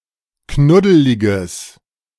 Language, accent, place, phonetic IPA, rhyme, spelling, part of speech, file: German, Germany, Berlin, [ˈknʊdəlɪɡəs], -ʊdəlɪɡəs, knuddeliges, adjective, De-knuddeliges.ogg
- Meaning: strong/mixed nominative/accusative neuter singular of knuddelig